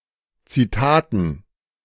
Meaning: dative plural of Zitat
- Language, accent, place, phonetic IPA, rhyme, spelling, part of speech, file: German, Germany, Berlin, [t͡siˈtaːtn̩], -aːtn̩, Zitaten, noun, De-Zitaten.ogg